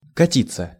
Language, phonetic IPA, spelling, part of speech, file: Russian, [kɐˈtʲit͡sːə], катиться, verb, Ru-катиться.ogg
- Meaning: 1. to roll 2. to rush, to tear 3. to sweep, to move, to flow, to stream, to roll 4. passive of кати́ть (katítʹ)